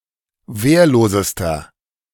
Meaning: inflection of wehrlos: 1. strong/mixed nominative masculine singular superlative degree 2. strong genitive/dative feminine singular superlative degree 3. strong genitive plural superlative degree
- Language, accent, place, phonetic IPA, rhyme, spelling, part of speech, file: German, Germany, Berlin, [ˈveːɐ̯loːzəstɐ], -eːɐ̯loːzəstɐ, wehrlosester, adjective, De-wehrlosester.ogg